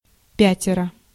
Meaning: five (in a group together), fivesome, five of them
- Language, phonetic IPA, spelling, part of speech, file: Russian, [ˈpʲætʲɪrə], пятеро, numeral, Ru-пятеро.ogg